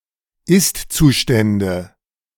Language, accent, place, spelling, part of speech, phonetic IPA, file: German, Germany, Berlin, Istzustände, noun, [ˈɪstt͡suˌʃtɛndə], De-Istzustände.ogg
- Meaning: nominative/accusative/genitive plural of Istzustand